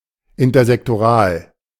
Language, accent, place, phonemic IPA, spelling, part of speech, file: German, Germany, Berlin, /ɪntɐzɛktoˈʁaːl/, intersektoral, adjective, De-intersektoral.ogg
- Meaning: intersectoral